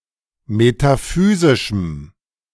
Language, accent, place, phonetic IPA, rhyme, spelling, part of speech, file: German, Germany, Berlin, [metaˈfyːzɪʃm̩], -yːzɪʃm̩, metaphysischem, adjective, De-metaphysischem.ogg
- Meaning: strong dative masculine/neuter singular of metaphysisch